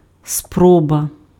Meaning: attempt, try, shot
- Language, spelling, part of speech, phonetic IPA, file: Ukrainian, спроба, noun, [ˈsprɔbɐ], Uk-спроба.ogg